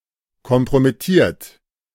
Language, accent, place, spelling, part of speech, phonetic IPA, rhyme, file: German, Germany, Berlin, kompromittiert, verb, [kɔmpʁomɪˈtiːɐ̯t], -iːɐ̯t, De-kompromittiert.ogg
- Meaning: 1. past participle of kompromittieren 2. inflection of kompromittieren: third-person singular present 3. inflection of kompromittieren: second-person plural present